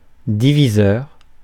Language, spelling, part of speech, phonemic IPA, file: French, diviseur, noun / adjective, /di.vi.zœʁ/, Fr-diviseur.ogg
- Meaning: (noun) divisor; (adjective) dividing